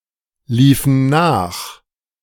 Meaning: inflection of nachlaufen: 1. first/third-person plural preterite 2. first/third-person plural subjunctive II
- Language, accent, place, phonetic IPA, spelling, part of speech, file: German, Germany, Berlin, [ˌliːfn̩ ˈnaːx], liefen nach, verb, De-liefen nach.ogg